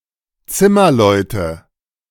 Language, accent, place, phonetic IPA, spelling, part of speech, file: German, Germany, Berlin, [ˈt͡sɪmɐˌlɔɪ̯tə], Zimmerleute, noun, De-Zimmerleute.ogg
- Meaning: nominative/accusative/genitive plural of Zimmermann